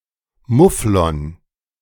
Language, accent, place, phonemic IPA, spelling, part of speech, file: German, Germany, Berlin, /ˈmʊflɔn/, Mufflon, noun, De-Mufflon.ogg
- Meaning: 1. mouflon (Ovis orientalis orientalis) 2. European mouflon (Ovis orientalis musimon)